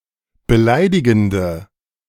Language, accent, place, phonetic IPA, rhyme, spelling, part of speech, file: German, Germany, Berlin, [bəˈlaɪ̯dɪɡn̩də], -aɪ̯dɪɡn̩də, beleidigende, adjective, De-beleidigende.ogg
- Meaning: inflection of beleidigend: 1. strong/mixed nominative/accusative feminine singular 2. strong nominative/accusative plural 3. weak nominative all-gender singular